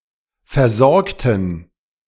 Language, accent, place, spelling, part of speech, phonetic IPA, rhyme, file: German, Germany, Berlin, versorgten, adjective / verb, [fɛɐ̯ˈzɔʁktn̩], -ɔʁktn̩, De-versorgten.ogg
- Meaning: inflection of versorgen: 1. first/third-person plural preterite 2. first/third-person plural subjunctive II